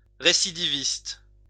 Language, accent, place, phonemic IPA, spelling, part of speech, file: French, France, Lyon, /ʁe.si.di.vist/, récidiviste, adjective / noun, LL-Q150 (fra)-récidiviste.wav
- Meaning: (adjective) reoffending; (noun) repeat offender